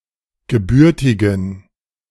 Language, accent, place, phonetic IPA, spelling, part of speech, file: German, Germany, Berlin, [ɡəˈbʏʁtɪɡn̩], gebürtigen, adjective, De-gebürtigen.ogg
- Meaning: inflection of gebürtig: 1. strong genitive masculine/neuter singular 2. weak/mixed genitive/dative all-gender singular 3. strong/weak/mixed accusative masculine singular 4. strong dative plural